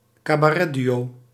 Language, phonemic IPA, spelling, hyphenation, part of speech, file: Dutch, /kaː.baːˈrɛ(t)ˌdy.oː/, cabaretduo, ca‧ba‧ret‧duo, noun, Nl-cabaretduo.ogg
- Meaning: duo performing (in a) cabaret